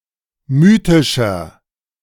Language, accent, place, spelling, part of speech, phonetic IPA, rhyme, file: German, Germany, Berlin, mythischer, adjective, [ˈmyːtɪʃɐ], -yːtɪʃɐ, De-mythischer.ogg
- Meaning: 1. comparative degree of mythisch 2. inflection of mythisch: strong/mixed nominative masculine singular 3. inflection of mythisch: strong genitive/dative feminine singular